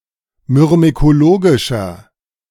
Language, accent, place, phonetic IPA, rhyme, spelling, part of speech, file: German, Germany, Berlin, [mʏʁmekoˈloːɡɪʃɐ], -oːɡɪʃɐ, myrmekologischer, adjective, De-myrmekologischer.ogg
- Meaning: inflection of myrmekologisch: 1. strong/mixed nominative masculine singular 2. strong genitive/dative feminine singular 3. strong genitive plural